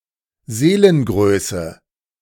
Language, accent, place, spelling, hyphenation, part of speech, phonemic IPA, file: German, Germany, Berlin, Seelengröße, See‧len‧grö‧ße, noun, /ˈzeːlənˌɡʁøːsə/, De-Seelengröße.ogg
- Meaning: magnanimity